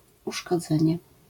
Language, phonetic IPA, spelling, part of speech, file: Polish, [ˌuʃkɔˈd͡zɛ̃ɲɛ], uszkodzenie, noun, LL-Q809 (pol)-uszkodzenie.wav